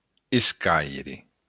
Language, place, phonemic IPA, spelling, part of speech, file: Occitan, Béarn, /esˈkajɾe/, escaire, noun, LL-Q14185 (oci)-escaire.wav
- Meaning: to happen, occur